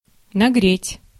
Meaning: 1. to heat, to warm 2. to swindle
- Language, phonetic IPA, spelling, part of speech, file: Russian, [nɐˈɡrʲetʲ], нагреть, verb, Ru-нагреть.ogg